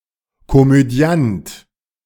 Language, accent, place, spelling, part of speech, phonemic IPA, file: German, Germany, Berlin, Komödiant, noun, /komøˈdi̯ant/, De-Komödiant.ogg
- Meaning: 1. comedian, actor 2. comedian 3. hypocrite